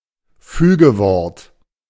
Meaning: conjunction
- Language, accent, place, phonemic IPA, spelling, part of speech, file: German, Germany, Berlin, /ˈfyːɡəˌvɔʁt/, Fügewort, noun, De-Fügewort.ogg